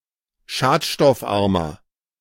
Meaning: 1. comparative degree of schadstoffarm 2. inflection of schadstoffarm: strong/mixed nominative masculine singular 3. inflection of schadstoffarm: strong genitive/dative feminine singular
- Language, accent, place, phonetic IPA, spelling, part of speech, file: German, Germany, Berlin, [ˈʃaːtʃtɔfˌʔaʁmɐ], schadstoffarmer, adjective, De-schadstoffarmer.ogg